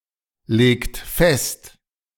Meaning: inflection of festlegen: 1. second-person plural present 2. third-person singular present 3. plural imperative
- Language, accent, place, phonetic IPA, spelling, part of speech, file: German, Germany, Berlin, [ˌleːkt ˈfɛst], legt fest, verb, De-legt fest.ogg